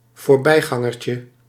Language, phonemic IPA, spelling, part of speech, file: Dutch, /vorˈbɛiɣɑŋərcə/, voorbijgangertje, noun, Nl-voorbijgangertje.ogg
- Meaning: diminutive of voorbijganger